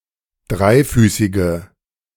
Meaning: inflection of dreifüßig: 1. strong/mixed nominative/accusative feminine singular 2. strong nominative/accusative plural 3. weak nominative all-gender singular
- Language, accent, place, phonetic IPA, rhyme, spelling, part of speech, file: German, Germany, Berlin, [ˈdʁaɪ̯ˌfyːsɪɡə], -aɪ̯fyːsɪɡə, dreifüßige, adjective, De-dreifüßige.ogg